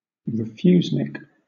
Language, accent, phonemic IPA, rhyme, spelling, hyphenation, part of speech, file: English, Southern England, /ɹɪˈfjuːznɪk/, -uːznɪk, refusenik, re‧fuse‧nik, noun, LL-Q1860 (eng)-refusenik.wav
- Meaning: One of the citizens of the former Soviet Union who was refused permission to emigrate (typically but not exclusively a Jewish citizen denied permission to immigrate to Israel)